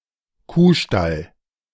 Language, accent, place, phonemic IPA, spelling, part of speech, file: German, Germany, Berlin, /ˈkuːˌʃtal/, Kuhstall, noun, De-Kuhstall.ogg
- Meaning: cowshed (place for cows)